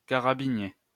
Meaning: carabineer
- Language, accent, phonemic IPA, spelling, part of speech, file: French, France, /ka.ʁa.bi.nje/, carabinier, noun, LL-Q150 (fra)-carabinier.wav